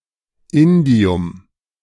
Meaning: indium
- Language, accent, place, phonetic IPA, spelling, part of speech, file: German, Germany, Berlin, [ˈɪndi̯ʊm], Indium, noun, De-Indium.ogg